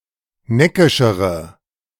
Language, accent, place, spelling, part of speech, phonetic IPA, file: German, Germany, Berlin, neckischere, adjective, [ˈnɛkɪʃəʁə], De-neckischere.ogg
- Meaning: inflection of neckisch: 1. strong/mixed nominative/accusative feminine singular comparative degree 2. strong nominative/accusative plural comparative degree